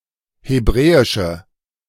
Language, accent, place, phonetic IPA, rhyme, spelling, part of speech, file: German, Germany, Berlin, [heˈbʁɛːɪʃə], -ɛːɪʃə, hebräische, adjective, De-hebräische.ogg
- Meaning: inflection of hebräisch: 1. strong/mixed nominative/accusative feminine singular 2. strong nominative/accusative plural 3. weak nominative all-gender singular